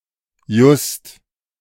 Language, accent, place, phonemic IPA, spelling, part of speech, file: German, Germany, Berlin, /jʊst/, just, adverb, De-just.ogg
- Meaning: just